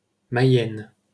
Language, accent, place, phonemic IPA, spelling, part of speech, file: French, France, Paris, /ma.jɛn/, Mayenne, proper noun, LL-Q150 (fra)-Mayenne.wav
- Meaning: 1. Mayenne (a department of Pays de la Loire, France) 2. Mayenne (a right tributary of the Loire, in northwestern France, flowing through the departments of Orne, Mayenne and Maine-et-Loire)